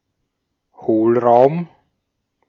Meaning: 1. cavity 2. void, hollow
- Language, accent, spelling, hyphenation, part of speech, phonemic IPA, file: German, Austria, Hohlraum, Hohl‧raum, noun, /ˈhoːlˌʁaʊ̯m/, De-at-Hohlraum.ogg